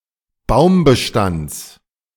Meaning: genitive of Baumbestand
- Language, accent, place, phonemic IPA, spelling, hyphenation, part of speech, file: German, Germany, Berlin, /ˈbaʊ̯mbəˌʃtands/, Baumbestands, Baum‧be‧stands, noun, De-Baumbestands.ogg